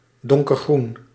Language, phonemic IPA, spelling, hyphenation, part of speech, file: Dutch, /ˌdɔŋ.kərˈɣrun/, donkergroen, don‧ker‧groen, adjective, Nl-donkergroen.ogg
- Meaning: dark green